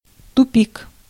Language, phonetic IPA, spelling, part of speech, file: Russian, [tʊˈpʲik], тупик, noun, Ru-тупик.ogg
- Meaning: 1. dead end, impasse (a path that goes nowhere) 2. impasse